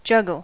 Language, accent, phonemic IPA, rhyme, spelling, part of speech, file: English, US, /ˈd͡ʒʌɡəl/, -ʌɡəl, juggle, verb / noun, En-us-juggle.ogg
- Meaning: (verb) To manipulate objects, such as balls, clubs, beanbags, rings, etc. in an artful or artistic manner